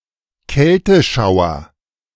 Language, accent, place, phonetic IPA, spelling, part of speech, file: German, Germany, Berlin, [ˈkɛltəˌʃaʊ̯ɐ], Kälteschauer, noun, De-Kälteschauer.ogg
- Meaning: shiver